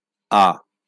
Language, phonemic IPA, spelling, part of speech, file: Bengali, /a/, আ, character, LL-Q9610 (ben)-আ.wav
- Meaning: The second character in the Bengali abugida